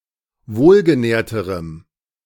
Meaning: strong dative masculine/neuter singular comparative degree of wohlgenährt
- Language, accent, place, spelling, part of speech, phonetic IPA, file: German, Germany, Berlin, wohlgenährterem, adjective, [ˈvoːlɡəˌnɛːɐ̯təʁəm], De-wohlgenährterem.ogg